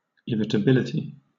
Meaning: The state or quality of being irritable; quick excitability
- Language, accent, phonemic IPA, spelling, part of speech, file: English, Southern England, /ˌɪɹɪtəˈbɪlɪti/, irritability, noun, LL-Q1860 (eng)-irritability.wav